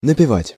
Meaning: 1. to hum (a melody) 2. to sing 3. to record, to have one's singing recorded on 4. to slander
- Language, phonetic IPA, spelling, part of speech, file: Russian, [nəpʲɪˈvatʲ], напевать, verb, Ru-напевать.ogg